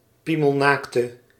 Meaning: inflection of piemelnaakt: 1. indefinite masculine and feminine singular 2. indefinite plural 3. definite
- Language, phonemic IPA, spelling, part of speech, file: Dutch, /ˈpiməlˌnaktə/, piemelnaakte, adjective, Nl-piemelnaakte.ogg